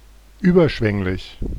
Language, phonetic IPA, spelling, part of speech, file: German, [ˈyːbɐˌʃvɛŋlɪç], überschwänglich, adjective, De-überschwänglich.oga
- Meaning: effusive, gushing